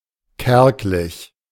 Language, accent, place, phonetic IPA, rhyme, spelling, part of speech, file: German, Germany, Berlin, [ˈkɛʁklɪç], -ɛʁklɪç, kärglich, adjective, De-kärglich.ogg
- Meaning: meager